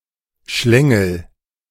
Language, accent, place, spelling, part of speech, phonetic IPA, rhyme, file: German, Germany, Berlin, schlängel, verb, [ˈʃlɛŋl̩], -ɛŋl̩, De-schlängel.ogg
- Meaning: inflection of schlängeln: 1. first-person singular present 2. singular imperative